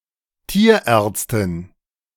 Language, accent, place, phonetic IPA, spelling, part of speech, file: German, Germany, Berlin, [ˈtiːɐ̯ˌʔɛːɐ̯t͡stɪn], Tierärztin, noun, De-Tierärztin.ogg
- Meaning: female equivalent of Tierarzt (“veterinarian”)